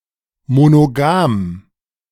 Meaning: monogamous
- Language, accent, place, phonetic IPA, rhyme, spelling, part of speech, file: German, Germany, Berlin, [monoˈɡaːm], -aːm, monogam, adjective, De-monogam.ogg